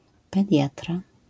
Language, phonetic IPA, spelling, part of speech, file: Polish, [pɛˈdʲjatra], pediatra, noun, LL-Q809 (pol)-pediatra.wav